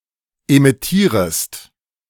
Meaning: second-person singular subjunctive I of emittieren
- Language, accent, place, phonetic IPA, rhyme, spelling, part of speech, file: German, Germany, Berlin, [emɪˈtiːʁəst], -iːʁəst, emittierest, verb, De-emittierest.ogg